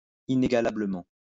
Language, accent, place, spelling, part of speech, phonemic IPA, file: French, France, Lyon, inégalablement, adverb, /i.ne.ɡa.la.blə.mɑ̃/, LL-Q150 (fra)-inégalablement.wav
- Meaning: incomparably